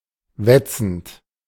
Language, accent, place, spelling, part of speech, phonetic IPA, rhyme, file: German, Germany, Berlin, wetzend, verb, [ˈvɛt͡sn̩t], -ɛt͡sn̩t, De-wetzend.ogg
- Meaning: present participle of wetzen